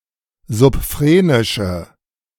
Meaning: inflection of subphrenisch: 1. strong/mixed nominative/accusative feminine singular 2. strong nominative/accusative plural 3. weak nominative all-gender singular
- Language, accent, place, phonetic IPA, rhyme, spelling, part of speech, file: German, Germany, Berlin, [zʊpˈfʁeːnɪʃə], -eːnɪʃə, subphrenische, adjective, De-subphrenische.ogg